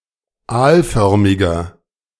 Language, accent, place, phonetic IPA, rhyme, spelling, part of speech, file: German, Germany, Berlin, [ˈaːlˌfœʁmɪɡɐ], -aːlfœʁmɪɡɐ, aalförmiger, adjective, De-aalförmiger.ogg
- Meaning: inflection of aalförmig: 1. strong/mixed nominative masculine singular 2. strong genitive/dative feminine singular 3. strong genitive plural